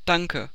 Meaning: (verb) inflection of danken: 1. first-person singular present 2. first/third-person singular subjunctive I 3. singular imperative; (interjection) thanks, thank you
- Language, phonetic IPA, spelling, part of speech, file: German, [ˈdaŋkə], danke, verb / interjection, CPIDL German - Danke.ogg